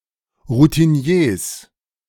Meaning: plural of Routinier
- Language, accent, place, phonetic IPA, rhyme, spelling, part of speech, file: German, Germany, Berlin, [ʁutiˈni̯eːs], -eːs, Routiniers, noun, De-Routiniers.ogg